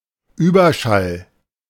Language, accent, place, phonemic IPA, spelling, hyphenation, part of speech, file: German, Germany, Berlin, /ˈyːbɐˌʃal/, Überschall, Über‧schall, noun, De-Überschall.ogg
- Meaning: 1. supersonic 2. clipping of Überschallgeschwindigkeit; supersonic speed